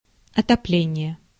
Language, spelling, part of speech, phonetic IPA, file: Russian, отопление, noun, [ɐtɐˈplʲenʲɪje], Ru-отопление.ogg
- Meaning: heating (a system that raises the temperature of a room or building)